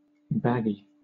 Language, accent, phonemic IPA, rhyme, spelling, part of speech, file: English, Southern England, /ˈbæɡi/, -æɡi, baggy, adjective / noun, LL-Q1860 (eng)-baggy.wav
- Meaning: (adjective) Of clothing, very loose-fitting, so as to hang away from the body